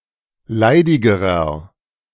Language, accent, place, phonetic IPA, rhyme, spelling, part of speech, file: German, Germany, Berlin, [ˈlaɪ̯dɪɡəʁɐ], -aɪ̯dɪɡəʁɐ, leidigerer, adjective, De-leidigerer.ogg
- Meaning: inflection of leidig: 1. strong/mixed nominative masculine singular comparative degree 2. strong genitive/dative feminine singular comparative degree 3. strong genitive plural comparative degree